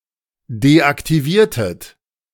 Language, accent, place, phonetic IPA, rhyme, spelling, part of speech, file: German, Germany, Berlin, [deʔaktiˈviːɐ̯tət], -iːɐ̯tət, deaktiviertet, verb, De-deaktiviertet.ogg
- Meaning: inflection of deaktivieren: 1. second-person plural preterite 2. second-person plural subjunctive II